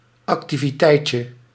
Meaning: diminutive of activiteit
- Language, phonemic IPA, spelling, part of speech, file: Dutch, /ɑktiviˈtɛɪcə/, activiteitje, noun, Nl-activiteitje.ogg